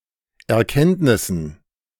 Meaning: dative plural of Erkenntnis
- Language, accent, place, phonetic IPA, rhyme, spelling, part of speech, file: German, Germany, Berlin, [ɛɐ̯ˈkɛntnɪsn̩], -ɛntnɪsn̩, Erkenntnissen, noun, De-Erkenntnissen.ogg